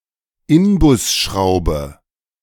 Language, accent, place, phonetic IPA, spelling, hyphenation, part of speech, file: German, Germany, Berlin, [ˈɪnbʊsˌʃʁaʊ̯bə], Inbusschraube, In‧bus‧schrau‧be, noun, De-Inbusschraube.ogg
- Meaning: socket hex head screw, Allen screw